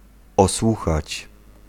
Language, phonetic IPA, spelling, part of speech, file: Polish, [ɔˈswuxat͡ɕ], osłuchać, verb, Pl-osłuchać.ogg